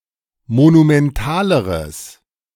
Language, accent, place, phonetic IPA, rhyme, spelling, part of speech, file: German, Germany, Berlin, [monumɛnˈtaːləʁəs], -aːləʁəs, monumentaleres, adjective, De-monumentaleres.ogg
- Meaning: strong/mixed nominative/accusative neuter singular comparative degree of monumental